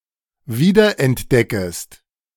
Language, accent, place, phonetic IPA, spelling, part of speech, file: German, Germany, Berlin, [ˈviːdɐʔɛntˌdɛkəst], wiederentdeckest, verb, De-wiederentdeckest.ogg
- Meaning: second-person singular subjunctive I of wiederentdecken